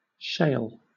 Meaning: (noun) 1. A shell, scale or husk; a cod or pod 2. A fine-grained sedimentary rock of a thin, laminated, and often friable, structure 3. The shale oil and shale gas segment of the oil and gas industry
- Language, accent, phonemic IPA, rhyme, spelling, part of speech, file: English, Southern England, /ʃeɪl/, -eɪl, shale, noun / verb, LL-Q1860 (eng)-shale.wav